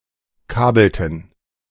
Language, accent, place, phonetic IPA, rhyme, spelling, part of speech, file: German, Germany, Berlin, [ˈkaːbl̩tn̩], -aːbl̩tn̩, kabelten, verb, De-kabelten.ogg
- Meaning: inflection of kabeln: 1. first/third-person plural preterite 2. first/third-person plural subjunctive II